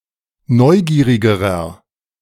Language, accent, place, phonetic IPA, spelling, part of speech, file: German, Germany, Berlin, [ˈnɔɪ̯ˌɡiːʁɪɡəʁɐ], neugierigerer, adjective, De-neugierigerer.ogg
- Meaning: inflection of neugierig: 1. strong/mixed nominative masculine singular comparative degree 2. strong genitive/dative feminine singular comparative degree 3. strong genitive plural comparative degree